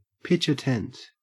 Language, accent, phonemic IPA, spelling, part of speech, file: English, Australia, /ˌpɪtʃəˈtɛnt/, pitch a tent, verb, En-au-pitch a tent.ogg
- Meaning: 1. To have an erection that shows through the trousers 2. Used other than figuratively or idiomatically: to pitch a tent